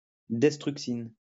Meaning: destruxin
- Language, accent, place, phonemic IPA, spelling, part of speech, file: French, France, Lyon, /dɛs.tʁyk.sin/, destruxine, noun, LL-Q150 (fra)-destruxine.wav